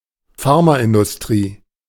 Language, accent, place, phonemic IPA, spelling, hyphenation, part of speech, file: German, Germany, Berlin, /ˈfaʁmaʔɪndʊsˌtʁiː/, Pharmaindustrie, Phar‧ma‧in‧dus‧trie, noun, De-Pharmaindustrie.ogg
- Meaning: pharmaceutical industry